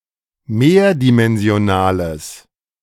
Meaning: strong/mixed nominative/accusative neuter singular of mehrdimensional
- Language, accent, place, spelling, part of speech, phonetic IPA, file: German, Germany, Berlin, mehrdimensionales, adjective, [ˈmeːɐ̯dimɛnzi̯oˌnaːləs], De-mehrdimensionales.ogg